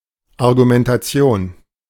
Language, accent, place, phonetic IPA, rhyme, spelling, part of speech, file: German, Germany, Berlin, [aʁɡumɛntaˈt͡si̯oːn], -oːn, Argumentation, noun, De-Argumentation.ogg
- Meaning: argument (the process of reasoning)